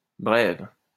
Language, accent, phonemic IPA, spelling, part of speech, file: French, France, /bʁɛv/, brève, adjective / noun, LL-Q150 (fra)-brève.wav
- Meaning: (adjective) feminine singular of bref; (noun) 1. a brief piece of information or news (as opposed to the headline) 2. short vowel 3. breve 4. pitta; any bird belonging to the passerine family Pittidae